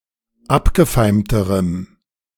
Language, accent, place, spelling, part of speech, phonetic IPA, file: German, Germany, Berlin, abgefeimterem, adjective, [ˈapɡəˌfaɪ̯mtəʁəm], De-abgefeimterem.ogg
- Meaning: strong dative masculine/neuter singular comparative degree of abgefeimt